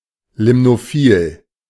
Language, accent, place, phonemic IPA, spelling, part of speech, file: German, Germany, Berlin, /ˌlɪmnoˈfiːl/, limnophil, adjective, De-limnophil.ogg
- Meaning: limnophilous